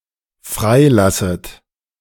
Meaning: second-person plural dependent subjunctive I of freilassen
- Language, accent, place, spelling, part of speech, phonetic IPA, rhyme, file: German, Germany, Berlin, freilasset, verb, [ˈfʁaɪ̯ˌlasət], -aɪ̯lasət, De-freilasset.ogg